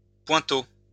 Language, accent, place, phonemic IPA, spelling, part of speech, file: French, France, Lyon, /pwɛ̃.to/, pointeau, noun, LL-Q150 (fra)-pointeau.wav
- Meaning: punch, centrepunch